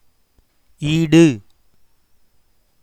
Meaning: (adjective) 1. equal, same 2. fit, adept; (noun) 1. equal, match 2. compensation, recompense 3. substitute
- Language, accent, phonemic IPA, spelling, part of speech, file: Tamil, India, /iːɖɯ/, ஈடு, adjective / noun, Ta-ஈடு.oga